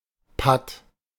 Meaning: 1. stalemate 2. stalemate; tie (situation where two sides are equally strong, often leading to stagnation)
- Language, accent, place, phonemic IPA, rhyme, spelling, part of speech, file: German, Germany, Berlin, /pat/, -at, Patt, noun, De-Patt.ogg